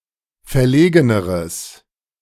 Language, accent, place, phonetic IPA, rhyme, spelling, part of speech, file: German, Germany, Berlin, [fɛɐ̯ˈleːɡənəʁəs], -eːɡənəʁəs, verlegeneres, adjective, De-verlegeneres.ogg
- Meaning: strong/mixed nominative/accusative neuter singular comparative degree of verlegen